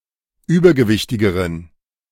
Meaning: inflection of übergewichtig: 1. strong genitive masculine/neuter singular comparative degree 2. weak/mixed genitive/dative all-gender singular comparative degree
- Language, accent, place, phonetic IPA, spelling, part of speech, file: German, Germany, Berlin, [ˈyːbɐɡəˌvɪçtɪɡəʁən], übergewichtigeren, adjective, De-übergewichtigeren.ogg